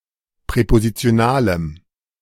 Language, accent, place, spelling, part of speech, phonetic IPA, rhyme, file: German, Germany, Berlin, präpositionalem, adjective, [pʁɛpozit͡si̯oˈnaːləm], -aːləm, De-präpositionalem.ogg
- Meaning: strong dative masculine/neuter singular of präpositional